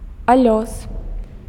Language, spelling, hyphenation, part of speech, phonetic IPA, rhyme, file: Belarusian, алёс, алёс, noun, [aˈlʲos], -os, Be-алёс.ogg
- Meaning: turf, swamp